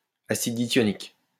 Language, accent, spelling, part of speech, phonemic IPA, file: French, France, acide dithionique, noun, /a.sid di.tjɔ.nik/, LL-Q150 (fra)-acide dithionique.wav
- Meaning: dithionic acid